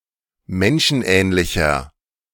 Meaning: 1. comparative degree of menschenähnlich 2. inflection of menschenähnlich: strong/mixed nominative masculine singular 3. inflection of menschenähnlich: strong genitive/dative feminine singular
- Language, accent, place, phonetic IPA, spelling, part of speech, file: German, Germany, Berlin, [ˈmɛnʃn̩ˌʔɛːnlɪçɐ], menschenähnlicher, adjective, De-menschenähnlicher.ogg